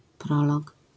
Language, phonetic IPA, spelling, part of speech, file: Polish, [ˈprɔlɔk], prolog, noun, LL-Q809 (pol)-prolog.wav